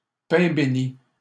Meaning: godsend
- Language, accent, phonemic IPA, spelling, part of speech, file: French, Canada, /pɛ̃ be.ni/, pain bénit, noun, LL-Q150 (fra)-pain bénit.wav